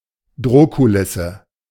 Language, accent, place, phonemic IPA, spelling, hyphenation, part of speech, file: German, Germany, Berlin, /ˈdʁoːkuˌlɪsə/, Drohkulisse, Droh‧ku‧lis‧se, noun, De-Drohkulisse.ogg
- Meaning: threatening posture